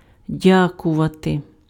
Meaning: to thank
- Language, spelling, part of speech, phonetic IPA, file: Ukrainian, дякувати, verb, [ˈdʲakʊʋɐte], Uk-дякувати.ogg